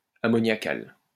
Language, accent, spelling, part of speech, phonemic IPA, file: French, France, ammoniacal, adjective, /a.mɔ.nja.kal/, LL-Q150 (fra)-ammoniacal.wav
- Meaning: ammoniacal